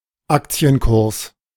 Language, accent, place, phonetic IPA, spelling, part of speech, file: German, Germany, Berlin, [ˈakt͡si̯ənˌkʊʁs], Aktienkurs, noun, De-Aktienkurs.ogg
- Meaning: quotation, share price